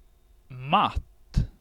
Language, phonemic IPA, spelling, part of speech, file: Swedish, /mat/, matt, adjective, Sv-matt.ogg
- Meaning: 1. weak, listless 2. matte 3. checkmate, in the phrase göra någon matt